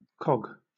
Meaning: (noun) 1. A tooth on a gear 2. A gear; especially, a cogwheel 3. An unimportant individual in a greater system
- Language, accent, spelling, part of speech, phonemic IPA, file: English, Southern England, cog, noun / verb, /kɒɡ/, LL-Q1860 (eng)-cog.wav